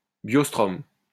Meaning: biostrome
- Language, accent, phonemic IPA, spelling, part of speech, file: French, France, /bjɔs.tʁɔm/, biostrome, noun, LL-Q150 (fra)-biostrome.wav